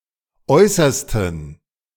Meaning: inflection of äußerste: 1. strong genitive masculine/neuter singular 2. weak/mixed genitive/dative all-gender singular 3. strong/weak/mixed accusative masculine singular 4. strong dative plural
- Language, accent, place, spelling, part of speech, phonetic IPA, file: German, Germany, Berlin, äußersten, adjective, [ˈɔɪ̯sɐstn̩], De-äußersten.ogg